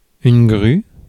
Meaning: 1. crane (bird) 2. crane (machine) 3. prostitute, hooker
- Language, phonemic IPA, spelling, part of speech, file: French, /ɡʁy/, grue, noun, Fr-grue.ogg